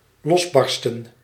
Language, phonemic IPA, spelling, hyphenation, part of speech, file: Dutch, /ˈlɔsˌbɑr.stə(n)/, losbarsten, los‧bar‧sten, verb, Nl-losbarsten.ogg
- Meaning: to break loose, to erupt